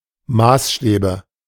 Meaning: nominative/accusative/genitive plural of Maßstab
- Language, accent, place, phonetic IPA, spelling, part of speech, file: German, Germany, Berlin, [ˈmaːsˌʃtɛːbə], Maßstäbe, noun, De-Maßstäbe.ogg